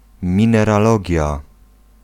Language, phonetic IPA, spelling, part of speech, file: Polish, [ˌmʲĩnɛraˈlɔɟja], mineralogia, noun, Pl-mineralogia.ogg